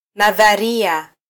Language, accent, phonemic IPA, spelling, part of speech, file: Swahili, Kenya, /nɑ.ðɑˈɾi.ɑ/, nadharia, noun, Sw-ke-nadharia.flac
- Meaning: theory